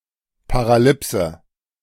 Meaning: paralipsis
- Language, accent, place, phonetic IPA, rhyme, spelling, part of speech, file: German, Germany, Berlin, [paʁaˈlɪpsə], -ɪpsə, Paralipse, noun, De-Paralipse.ogg